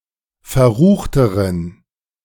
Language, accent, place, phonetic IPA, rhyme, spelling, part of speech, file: German, Germany, Berlin, [fɛɐ̯ˈʁuːxtəʁən], -uːxtəʁən, verruchteren, adjective, De-verruchteren.ogg
- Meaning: inflection of verrucht: 1. strong genitive masculine/neuter singular comparative degree 2. weak/mixed genitive/dative all-gender singular comparative degree